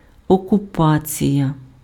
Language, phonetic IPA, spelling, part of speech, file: Ukrainian, [ɔkʊˈpat͡sʲijɐ], окупація, noun, Uk-окупація.ogg
- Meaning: occupation (control of a country or region by a hostile army)